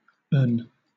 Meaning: 1. Him 2. It (when the thing being referred to is masculine)
- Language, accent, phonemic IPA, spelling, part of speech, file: English, Southern England, /ən/, en, pronoun, LL-Q1860 (eng)-en.wav